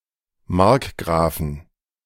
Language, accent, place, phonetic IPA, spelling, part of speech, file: German, Germany, Berlin, [ˈmaʁkˌɡʁaːfn̩], Markgrafen, noun, De-Markgrafen.ogg
- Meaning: plural of Markgraf